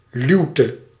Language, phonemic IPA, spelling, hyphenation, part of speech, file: Dutch, /ˈlyu̯.tə/, luwte, luw‧te, noun, Nl-luwte.ogg
- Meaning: 1. any windless place 2. a lee